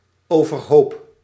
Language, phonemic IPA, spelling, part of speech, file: Dutch, /ˌovərˈhop/, overhoop, adverb, Nl-overhoop.ogg
- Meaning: 1. upside down (in great disorder) 2. at odds